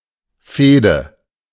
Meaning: feud
- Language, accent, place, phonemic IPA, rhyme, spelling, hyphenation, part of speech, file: German, Germany, Berlin, /ˈfeːdə/, -eːdə, Fehde, Feh‧de, noun, De-Fehde.ogg